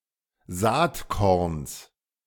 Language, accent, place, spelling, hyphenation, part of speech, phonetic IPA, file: German, Germany, Berlin, Saatkorns, Saat‧korns, noun, [ˈzaːtˌkɔʁns], De-Saatkorns.ogg
- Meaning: genitive singular of Saatkorn